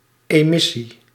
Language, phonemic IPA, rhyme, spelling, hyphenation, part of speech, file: Dutch, /ˌeːˈmɪ.si/, -ɪsi, emissie, emis‧sie, noun, Nl-emissie.ogg
- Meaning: 1. emission, release 2. the act of sending out, sending away